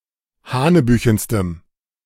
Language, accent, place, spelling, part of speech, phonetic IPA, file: German, Germany, Berlin, hanebüchenstem, adjective, [ˈhaːnəˌbyːçn̩stəm], De-hanebüchenstem.ogg
- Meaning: strong dative masculine/neuter singular superlative degree of hanebüchen